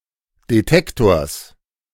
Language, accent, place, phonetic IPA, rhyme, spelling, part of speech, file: German, Germany, Berlin, [deˈtɛktoːɐ̯s], -ɛktoːɐ̯s, Detektors, noun, De-Detektors.ogg
- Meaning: genitive singular of Detektor